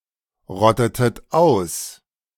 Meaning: inflection of ausrotten: 1. second-person plural preterite 2. second-person plural subjunctive II
- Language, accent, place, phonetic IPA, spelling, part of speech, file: German, Germany, Berlin, [ˌʁɔtətət ˈaʊ̯s], rottetet aus, verb, De-rottetet aus.ogg